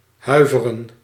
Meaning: to shiver, to tremble
- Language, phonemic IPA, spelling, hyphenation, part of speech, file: Dutch, /ˈɦœy̯.və.rə(n)/, huiveren, hui‧ve‧ren, verb, Nl-huiveren.ogg